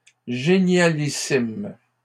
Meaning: plural of génialissime
- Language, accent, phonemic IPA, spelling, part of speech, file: French, Canada, /ʒe.nja.li.sim/, génialissimes, adjective, LL-Q150 (fra)-génialissimes.wav